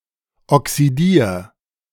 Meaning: 1. singular imperative of oxidieren 2. first-person singular present of oxidieren
- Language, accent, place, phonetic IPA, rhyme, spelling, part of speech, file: German, Germany, Berlin, [ɔksiˈdiːɐ̯], -iːɐ̯, oxidier, verb, De-oxidier.ogg